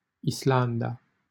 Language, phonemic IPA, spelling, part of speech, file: Romanian, /isˈlan.da/, Islanda, proper noun, LL-Q7913 (ron)-Islanda.wav
- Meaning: Iceland (an island and country in the North Atlantic Ocean in Europe)